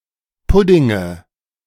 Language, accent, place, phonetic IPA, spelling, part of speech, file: German, Germany, Berlin, [ˈpʊdɪŋə], Puddinge, noun, De-Puddinge.ogg
- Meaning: nominative/accusative/genitive plural of Pudding